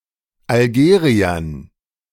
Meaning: dative plural of Algerier
- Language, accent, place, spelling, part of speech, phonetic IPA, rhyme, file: German, Germany, Berlin, Algeriern, noun, [alˈɡeːʁiɐn], -eːʁiɐn, De-Algeriern.ogg